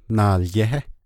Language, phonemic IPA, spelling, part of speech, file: Navajo, /nɑ̀ːljɛ́hɛ́/, naalyéhé, noun, Nv-naalyéhé.ogg
- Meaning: 1. that which is carried about 2. merchandise, goods 3. wealth 4. property